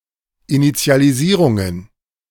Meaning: plural of Initialisierung
- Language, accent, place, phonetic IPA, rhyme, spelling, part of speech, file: German, Germany, Berlin, [ˌinit͡si̯aliˈziːʁʊŋən], -iːʁʊŋən, Initialisierungen, noun, De-Initialisierungen.ogg